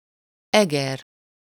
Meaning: a city in northern Hungary
- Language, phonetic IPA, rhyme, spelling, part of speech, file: Hungarian, [ˈɛɡɛr], -ɛr, Eger, proper noun, Hu-Eger.ogg